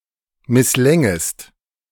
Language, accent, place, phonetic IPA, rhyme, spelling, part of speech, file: German, Germany, Berlin, [mɪsˈlɛŋəst], -ɛŋəst, misslängest, verb, De-misslängest.ogg
- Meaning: second-person singular subjunctive II of misslingen